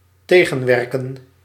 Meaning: 1. to counter, to work in opposition to 2. to struggle, to be stubborn
- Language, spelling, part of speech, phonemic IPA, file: Dutch, tegenwerken, verb, /ˈteː.ɣə(n)ˌʋɛr.kə(n)/, Nl-tegenwerken.ogg